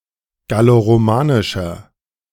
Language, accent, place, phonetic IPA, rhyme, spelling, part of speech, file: German, Germany, Berlin, [ɡaloʁoˈmaːnɪʃɐ], -aːnɪʃɐ, galloromanischer, adjective, De-galloromanischer.ogg
- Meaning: inflection of galloromanisch: 1. strong/mixed nominative masculine singular 2. strong genitive/dative feminine singular 3. strong genitive plural